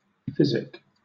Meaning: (adjective) Relating to or concerning existent materials; physical; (noun) 1. A medicine or drug, especially a cathartic or purgative 2. The art or profession of healing disease; medicine
- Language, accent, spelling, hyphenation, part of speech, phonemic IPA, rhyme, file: English, Southern England, physic, phys‧ic, adjective / noun / verb, /ˈfɪz.ɪk/, -ɪzɪk, LL-Q1860 (eng)-physic.wav